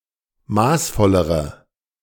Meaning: inflection of maßvoll: 1. strong/mixed nominative/accusative feminine singular comparative degree 2. strong nominative/accusative plural comparative degree
- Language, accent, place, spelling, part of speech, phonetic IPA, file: German, Germany, Berlin, maßvollere, adjective, [ˈmaːsˌfɔləʁə], De-maßvollere.ogg